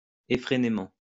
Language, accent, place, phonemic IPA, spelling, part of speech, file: French, France, Lyon, /e.fʁe.ne.mɑ̃/, effrénément, adverb, LL-Q150 (fra)-effrénément.wav
- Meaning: wildly, frantically, unrestrainedly